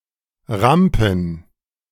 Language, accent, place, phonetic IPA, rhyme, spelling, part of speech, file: German, Germany, Berlin, [ˈʁampn̩], -ampn̩, Rampen, noun, De-Rampen.ogg
- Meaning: plural of Rampe